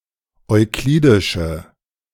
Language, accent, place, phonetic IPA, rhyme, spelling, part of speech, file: German, Germany, Berlin, [ɔɪ̯ˈkliːdɪʃə], -iːdɪʃə, euklidische, adjective, De-euklidische.ogg
- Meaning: inflection of euklidisch: 1. strong/mixed nominative/accusative feminine singular 2. strong nominative/accusative plural 3. weak nominative all-gender singular